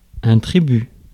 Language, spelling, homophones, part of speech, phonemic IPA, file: French, tribut, tribu / tribus / tributs, noun, /tʁi.by/, Fr-tribut.ogg
- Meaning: 1. tribute (payment made from one state to another as a sign of submission) 2. tribute (acknowledgement of gratitude)